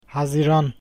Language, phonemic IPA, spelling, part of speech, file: Turkish, /hɑzi(ː)ˈrɑn/, haziran, noun, Haziran.ogg
- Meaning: June